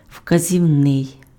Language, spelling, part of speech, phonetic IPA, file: Ukrainian, вказівний, adjective, [ʍkɐzʲiu̯ˈnɪi̯], Uk-вказівний.ogg
- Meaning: 1. indicating, indicatory 2. demonstrative